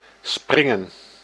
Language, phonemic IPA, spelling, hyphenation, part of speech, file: Dutch, /ˈsprɪŋə(n)/, springen, sprin‧gen, verb, Nl-springen.ogg
- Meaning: 1. to jump, to leap 2. to explode, to shatter